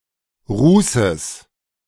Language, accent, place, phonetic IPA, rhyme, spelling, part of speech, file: German, Germany, Berlin, [ˈʁuːsəs], -uːsəs, Rußes, noun, De-Rußes.ogg
- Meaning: genitive singular of Ruß